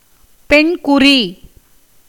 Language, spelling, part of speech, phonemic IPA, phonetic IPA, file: Tamil, பெண்குறி, noun, /pɛɳɡʊriː/, [pe̞ɳɡʊriː], Ta-பெண்குறி.ogg
- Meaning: vagina